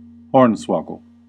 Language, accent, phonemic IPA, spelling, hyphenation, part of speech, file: English, General American, /ˈhɔɹn.swɑ.ɡəl/, hornswoggle, horn‧swog‧gle, verb / noun, En-us-hornswoggle.ogg
- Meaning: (verb) To deceive or trick; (noun) nonsense; humbug